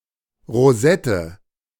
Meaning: 1. rosette, a shape like that of a rose 2. the anus 3. a small opening
- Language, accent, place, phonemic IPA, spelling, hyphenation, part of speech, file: German, Germany, Berlin, /ʁoˈzɛtə/, Rosette, Ro‧set‧te, noun, De-Rosette.ogg